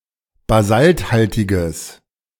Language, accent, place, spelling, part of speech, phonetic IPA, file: German, Germany, Berlin, basalthaltiges, adjective, [baˈzaltˌhaltɪɡəs], De-basalthaltiges.ogg
- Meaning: strong/mixed nominative/accusative neuter singular of basalthaltig